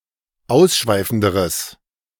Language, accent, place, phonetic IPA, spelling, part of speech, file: German, Germany, Berlin, [ˈaʊ̯sˌʃvaɪ̯fn̩dəʁəs], ausschweifenderes, adjective, De-ausschweifenderes.ogg
- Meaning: strong/mixed nominative/accusative neuter singular comparative degree of ausschweifend